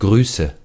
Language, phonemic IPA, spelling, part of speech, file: German, /ˈɡʁyːsə/, Grüße, noun, De-Grüße.ogg
- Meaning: nominative/accusative/genitive plural of Gruß